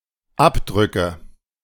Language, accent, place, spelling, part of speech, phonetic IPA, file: German, Germany, Berlin, Abdrücke, noun, [ˈapˌdʁʏkə], De-Abdrücke.ogg
- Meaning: nominative/accusative/genitive plural of Abdruck